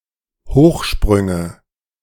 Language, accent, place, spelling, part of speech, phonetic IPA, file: German, Germany, Berlin, Hochsprünge, noun, [ˈhoːxˌʃpʁʏŋə], De-Hochsprünge.ogg
- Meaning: nominative/accusative/genitive plural of Hochsprung